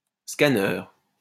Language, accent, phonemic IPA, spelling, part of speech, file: French, France, /ska.nœʁ/, scanneur, noun, LL-Q150 (fra)-scanneur.wav
- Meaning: scanner